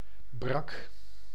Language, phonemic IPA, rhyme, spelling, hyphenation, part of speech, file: Dutch, /brɑk/, -ɑk, brak, brak, adjective / noun / verb, Nl-brak.ogg
- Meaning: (adjective) 1. brackish 2. bad 3. hungover; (noun) hound, brach (of either sex); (verb) singular past indicative of breken